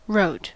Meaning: 1. simple past of write 2. past participle of write
- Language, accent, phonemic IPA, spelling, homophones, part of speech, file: English, US, /ɹoʊt/, wrote, rote, verb, En-us-wrote.ogg